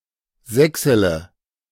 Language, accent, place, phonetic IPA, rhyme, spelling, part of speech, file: German, Germany, Berlin, [ˈzɛksələ], -ɛksələ, sächsele, verb, De-sächsele.ogg
- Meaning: inflection of sächseln: 1. first-person singular present 2. first-person plural subjunctive I 3. third-person singular subjunctive I 4. singular imperative